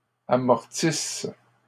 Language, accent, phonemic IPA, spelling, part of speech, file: French, Canada, /a.mɔʁ.tis/, amortisses, verb, LL-Q150 (fra)-amortisses.wav
- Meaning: second-person singular present/imperfect subjunctive of amortir